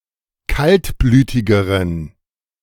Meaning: inflection of kaltblütig: 1. strong genitive masculine/neuter singular comparative degree 2. weak/mixed genitive/dative all-gender singular comparative degree
- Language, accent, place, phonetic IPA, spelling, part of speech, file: German, Germany, Berlin, [ˈkaltˌblyːtɪɡəʁən], kaltblütigeren, adjective, De-kaltblütigeren.ogg